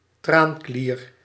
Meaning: lacrimal gland, tear gland
- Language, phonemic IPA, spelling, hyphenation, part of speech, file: Dutch, /ˈtraːnˌkliːr/, traanklier, traan‧klier, noun, Nl-traanklier.ogg